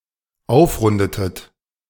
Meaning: inflection of aufrunden: 1. second-person plural dependent preterite 2. second-person plural dependent subjunctive II
- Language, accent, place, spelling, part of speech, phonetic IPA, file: German, Germany, Berlin, aufrundetet, verb, [ˈaʊ̯fˌʁʊndətət], De-aufrundetet.ogg